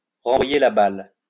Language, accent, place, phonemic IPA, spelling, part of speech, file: French, France, Lyon, /ʁɑ̃.vwa.je la bal/, renvoyer la balle, verb, LL-Q150 (fra)-renvoyer la balle.wav
- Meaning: to pass the buck